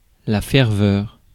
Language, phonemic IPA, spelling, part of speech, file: French, /fɛʁ.vœʁ/, ferveur, noun, Fr-ferveur.ogg
- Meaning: ardour, zeal, fervor